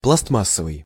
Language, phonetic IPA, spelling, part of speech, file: Russian, [pɫɐs(t)ˈmas(ː)əvɨj], пластмассовый, adjective, Ru-пластмассовый.ogg
- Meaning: plastic